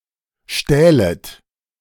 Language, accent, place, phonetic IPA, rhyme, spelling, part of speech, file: German, Germany, Berlin, [ˈʃtɛːlət], -ɛːlət, stählet, verb, De-stählet.ogg
- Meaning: second-person plural subjunctive II of stehlen